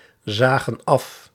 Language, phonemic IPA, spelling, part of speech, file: Dutch, /ˈzaɣə(n) ˈɑf/, zagen af, verb, Nl-zagen af.ogg
- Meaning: inflection of afzien: 1. plural past indicative 2. plural past subjunctive